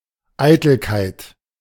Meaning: vanity
- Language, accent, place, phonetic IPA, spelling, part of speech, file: German, Germany, Berlin, [ˈaɪ̯tl̩kaɪ̯t], Eitelkeit, noun, De-Eitelkeit.ogg